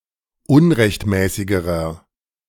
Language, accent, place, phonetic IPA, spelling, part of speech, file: German, Germany, Berlin, [ˈʊnʁɛçtˌmɛːsɪɡəʁɐ], unrechtmäßigerer, adjective, De-unrechtmäßigerer.ogg
- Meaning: inflection of unrechtmäßig: 1. strong/mixed nominative masculine singular comparative degree 2. strong genitive/dative feminine singular comparative degree 3. strong genitive plural comparative degree